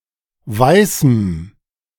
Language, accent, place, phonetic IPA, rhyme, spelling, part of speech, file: German, Germany, Berlin, [ˈvaɪ̯sm̩], -aɪ̯sm̩, weißem, adjective, De-weißem.ogg
- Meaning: strong dative masculine/neuter singular of weiß